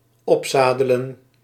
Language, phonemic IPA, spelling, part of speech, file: Dutch, /ˈɔpˌzaː.də.lə(n)/, opzadelen, verb, Nl-opzadelen.ogg
- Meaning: 1. to saddle up 2. burden with, force (a problem) on